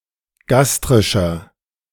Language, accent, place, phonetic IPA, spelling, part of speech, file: German, Germany, Berlin, [ˈɡastʁɪʃɐ], gastrischer, adjective, De-gastrischer.ogg
- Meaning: inflection of gastrisch: 1. strong/mixed nominative masculine singular 2. strong genitive/dative feminine singular 3. strong genitive plural